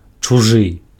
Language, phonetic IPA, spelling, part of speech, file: Belarusian, [t͡ʂuˈʐɨ], чужы, adjective, Be-чужы.ogg
- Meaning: strange